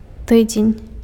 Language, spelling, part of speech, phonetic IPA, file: Belarusian, тыдзень, noun, [ˈtɨd͡zʲenʲ], Be-тыдзень.ogg
- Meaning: week